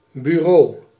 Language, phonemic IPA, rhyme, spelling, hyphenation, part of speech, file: Dutch, /byˈroː/, -oː, bureau, bu‧reau, noun, Nl-bureau.ogg
- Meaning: 1. desk 2. office, office building (especially office buildings for writing and publishing journalism and literature, or the police station as a building)